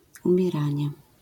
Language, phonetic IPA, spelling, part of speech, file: Polish, [ˌũmʲjɛˈrãɲɛ], umieranie, noun, LL-Q809 (pol)-umieranie.wav